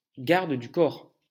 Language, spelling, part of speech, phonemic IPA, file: French, garde du corps, noun, /ɡaʁ.d(ə) dy kɔʁ/, LL-Q150 (fra)-garde du corps.wav
- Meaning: bodyguard